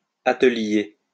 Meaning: plural of atelier
- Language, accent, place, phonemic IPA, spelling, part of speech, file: French, France, Lyon, /a.tə.lje/, ateliers, noun, LL-Q150 (fra)-ateliers.wav